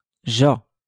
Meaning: 1. to come 2. to suit (to be suitable or apt for one's image) 3. to arrive 4. to be located 5. to be related to someone
- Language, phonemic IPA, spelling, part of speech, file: Moroccan Arabic, /ʒaː/, جا, verb, LL-Q56426 (ary)-جا.wav